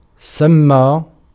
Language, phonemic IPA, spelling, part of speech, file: Arabic, /sam.maː/, سمى, verb, Ar-سمى.ogg
- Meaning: 1. to name, to call, to designate, to denominate, to title, to entitle 2. to nominate, to appoint 3. to say بِسْمِ ٱللَّهِ (bismi l-lahi, “in the name of God”)